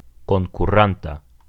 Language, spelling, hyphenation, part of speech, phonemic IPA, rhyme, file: Esperanto, konkuranta, kon‧ku‧ran‧ta, adjective, /kon.kuˈran.ta/, -anta, Eo-konkuranta.ogg
- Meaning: singular present active participle of konkuri